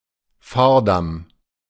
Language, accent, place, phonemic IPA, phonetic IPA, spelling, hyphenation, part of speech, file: German, Germany, Berlin, /ˈfaː(ɐ̯)ˌdam/, [ˈfaːɐ̯dam], Fahrdamm, Fahr‧damm, noun, De-Fahrdamm.ogg
- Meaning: causeway; roadway